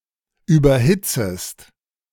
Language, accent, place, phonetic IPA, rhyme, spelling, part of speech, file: German, Germany, Berlin, [ˌyːbɐˈhɪt͡səst], -ɪt͡səst, überhitzest, verb, De-überhitzest.ogg
- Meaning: second-person singular subjunctive I of überhitzen